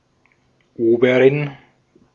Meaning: 1. (mother) superior (leader of a convent, especially one that is a branch of another) 2. feminine of Ober (“waiter”)
- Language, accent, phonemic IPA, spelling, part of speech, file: German, Austria, /ˈoːbəʁɪn/, Oberin, noun, De-at-Oberin.ogg